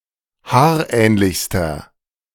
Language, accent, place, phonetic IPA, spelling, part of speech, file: German, Germany, Berlin, [ˈhaːɐ̯ˌʔɛːnlɪçstɐ], haarähnlichster, adjective, De-haarähnlichster.ogg
- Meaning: inflection of haarähnlich: 1. strong/mixed nominative masculine singular superlative degree 2. strong genitive/dative feminine singular superlative degree 3. strong genitive plural superlative degree